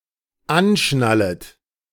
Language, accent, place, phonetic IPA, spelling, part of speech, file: German, Germany, Berlin, [ˈanˌʃnalət], anschnallet, verb, De-anschnallet.ogg
- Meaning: second-person plural dependent subjunctive I of anschnallen